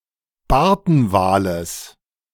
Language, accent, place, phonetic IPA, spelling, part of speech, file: German, Germany, Berlin, [ˈbaʁtn̩ˌvaːləs], Bartenwales, noun, De-Bartenwales.ogg
- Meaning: genitive singular of Bartenwal